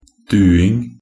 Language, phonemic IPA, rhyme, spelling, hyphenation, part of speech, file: Norwegian Bokmål, /ˈdʉːɪŋ/, -ɪŋ, duing, du‧ing, noun, Nb-duing.ogg
- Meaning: the act of saying you to someone